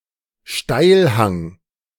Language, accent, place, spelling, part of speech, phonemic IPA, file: German, Germany, Berlin, Steilhang, noun, /ʃtaɪ̯lhaŋ/, De-Steilhang.ogg
- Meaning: steep slope